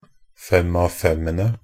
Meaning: definite plural of fem-av-fem
- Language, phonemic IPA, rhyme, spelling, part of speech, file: Norwegian Bokmål, /ˈfɛm.aʋ.fɛmənə/, -ənə, fem-av-femene, noun, Nb-fem-av-femene.ogg